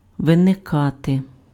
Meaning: to arise, to crop up, to emerge, to spring up, to appear
- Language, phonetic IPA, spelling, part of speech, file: Ukrainian, [ʋeneˈkate], виникати, verb, Uk-виникати.ogg